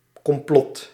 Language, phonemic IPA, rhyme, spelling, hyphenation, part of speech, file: Dutch, /kɔmˈplɔt/, -ɔt, complot, com‧plot, noun, Nl-complot.ogg
- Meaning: conspiracy